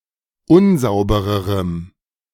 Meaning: strong dative masculine/neuter singular comparative degree of unsauber
- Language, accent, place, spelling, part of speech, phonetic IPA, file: German, Germany, Berlin, unsaubererem, adjective, [ˈʊnˌzaʊ̯bəʁəʁəm], De-unsaubererem.ogg